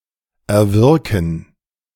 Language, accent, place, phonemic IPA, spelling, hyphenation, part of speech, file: German, Germany, Berlin, /ɛɐ̯ˈvɪʁkn̩/, erwirken, er‧wir‧ken, verb, De-erwirken.ogg
- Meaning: to obtain, to secure, to effect